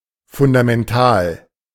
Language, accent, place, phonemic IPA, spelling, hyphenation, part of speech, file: German, Germany, Berlin, /fʊndamɛnˈtaːl/, fundamental, fun‧da‧men‧tal, adjective, De-fundamental.ogg
- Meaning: fundamental